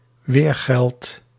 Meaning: wergeld
- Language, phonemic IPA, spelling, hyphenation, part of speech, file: Dutch, /ˈʋeːr.ɣɛlt/, weergeld, weer‧geld, noun, Nl-weergeld.ogg